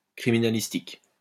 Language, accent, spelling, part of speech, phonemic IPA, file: French, France, criminalistique, noun, /kʁi.mi.na.lis.tik/, LL-Q150 (fra)-criminalistique.wav
- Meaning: forensic science